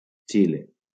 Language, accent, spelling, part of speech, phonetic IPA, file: Catalan, Valencia, Xile, proper noun, [ˈt͡ʃi.le], LL-Q7026 (cat)-Xile.wav
- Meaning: Chile (a country in South America)